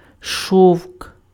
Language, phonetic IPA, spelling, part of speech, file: Ukrainian, [ʃɔu̯k], шовк, noun, Uk-шовк.ogg
- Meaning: 1. silk (fiber and fabric) 2. clothes made of silk 3. something soft and pleasant for touching